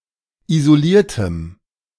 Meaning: strong dative masculine/neuter singular of isoliert
- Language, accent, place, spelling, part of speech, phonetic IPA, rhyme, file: German, Germany, Berlin, isoliertem, adjective, [izoˈliːɐ̯təm], -iːɐ̯təm, De-isoliertem.ogg